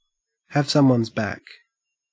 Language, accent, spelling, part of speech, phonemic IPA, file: English, Australia, have someone's back, verb, /hæv ˌsʌmwʌnz ˈbæk/, En-au-have someone's back.ogg
- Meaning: To be prepared and willing to support or defend someone